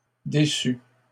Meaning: feminine singular of déçu
- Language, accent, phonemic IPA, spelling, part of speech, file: French, Canada, /de.sy/, déçue, verb, LL-Q150 (fra)-déçue.wav